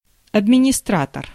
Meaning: 1. administrator 2. business manager 3. receptionist
- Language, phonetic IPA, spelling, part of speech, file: Russian, [ɐdmʲɪnʲɪˈstratər], администратор, noun, Ru-администратор.ogg